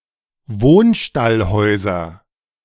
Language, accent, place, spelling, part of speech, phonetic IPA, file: German, Germany, Berlin, Wohnstallhäuser, noun, [ˈvoːnˈʃtalˌhɔɪ̯zɐ], De-Wohnstallhäuser.ogg
- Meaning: nominative/accusative/genitive plural of Wohnstallhaus